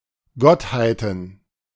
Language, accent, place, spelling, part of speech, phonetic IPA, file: German, Germany, Berlin, Gottheiten, noun, [ˈɡɔthaɪ̯tn̩], De-Gottheiten.ogg
- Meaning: plural of Gottheit